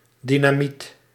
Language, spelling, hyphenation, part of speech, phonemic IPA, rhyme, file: Dutch, dynamiet, dy‧na‧miet, noun, /ˌdi.naːˈmit/, -it, Nl-dynamiet.ogg
- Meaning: dynamite